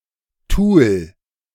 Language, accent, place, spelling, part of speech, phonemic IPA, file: German, Germany, Berlin, Tool, noun, /tuːl/, De-Tool.ogg
- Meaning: 1. tool 2. tool, utensil